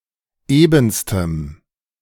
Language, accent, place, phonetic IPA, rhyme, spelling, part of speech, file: German, Germany, Berlin, [ˈeːbn̩stəm], -eːbn̩stəm, ebenstem, adjective, De-ebenstem.ogg
- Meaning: strong dative masculine/neuter singular superlative degree of eben